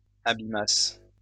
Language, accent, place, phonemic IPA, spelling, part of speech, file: French, France, Lyon, /a.bi.mas/, abîmasses, verb, LL-Q150 (fra)-abîmasses.wav
- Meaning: second-person singular imperfect subjunctive of abîmer